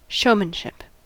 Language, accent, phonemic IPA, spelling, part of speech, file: English, US, /ˈʃəʊ.mən.ʃɪp/, showmanship, noun, En-us-showmanship.ogg
- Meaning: The quality or skill of giving an engaging or compelling performance; a stage presence